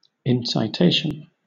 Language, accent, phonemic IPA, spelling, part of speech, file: English, Southern England, /ɪnsɪˈteɪʃ(ə)n/, incitation, noun, LL-Q1860 (eng)-incitation.wav
- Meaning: 1. The act of inciting or moving to action 2. Something that incites to action; a stimulus or incentive